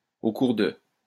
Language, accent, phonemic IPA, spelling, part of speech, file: French, France, /o kuʁ də/, au cours de, preposition, LL-Q150 (fra)-au cours de.wav
- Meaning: during, throughout, in the course of